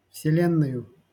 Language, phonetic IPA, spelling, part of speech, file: Russian, [fsʲɪˈlʲenːəjʊ], вселенною, noun, LL-Q7737 (rus)-вселенною.wav
- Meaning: instrumental singular of вселе́нная (vselénnaja)